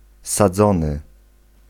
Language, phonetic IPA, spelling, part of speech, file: Polish, [saˈd͡zɔ̃nɨ], sadzony, verb / adjective, Pl-sadzony.ogg